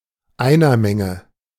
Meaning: singleton
- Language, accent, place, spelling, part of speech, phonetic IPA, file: German, Germany, Berlin, Einermenge, noun, [ˈaɪ̯nɐˌmɛŋə], De-Einermenge.ogg